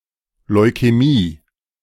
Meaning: leukemia
- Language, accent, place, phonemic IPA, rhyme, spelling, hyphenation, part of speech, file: German, Germany, Berlin, /lɔɪ̯kɛˈmiː/, -iː, Leukämie, Leu‧kä‧mie, noun, De-Leukämie.ogg